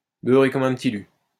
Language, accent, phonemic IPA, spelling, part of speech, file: French, France, /bœ.ʁe kɔm œ̃ p(ə).ti ly/, beurré comme un Petit Lu, adjective, LL-Q150 (fra)-beurré comme un Petit Lu.wav
- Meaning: pissed as a newt; drunk as a skunk (very drunk)